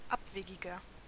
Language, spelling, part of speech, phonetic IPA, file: German, abwegiger, adjective, [ˈapˌveːɡɪɡɐ], De-abwegiger.ogg
- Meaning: 1. comparative degree of abwegig 2. inflection of abwegig: strong/mixed nominative masculine singular 3. inflection of abwegig: strong genitive/dative feminine singular